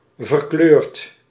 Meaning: past participle of verkleuren
- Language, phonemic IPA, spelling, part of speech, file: Dutch, /vərˈklørt/, verkleurd, verb, Nl-verkleurd.ogg